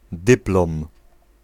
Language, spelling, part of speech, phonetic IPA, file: Polish, dyplom, noun, [ˈdɨplɔ̃m], Pl-dyplom.ogg